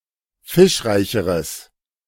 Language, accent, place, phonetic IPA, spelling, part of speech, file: German, Germany, Berlin, [ˈfɪʃˌʁaɪ̯çəʁəs], fischreicheres, adjective, De-fischreicheres.ogg
- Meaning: strong/mixed nominative/accusative neuter singular comparative degree of fischreich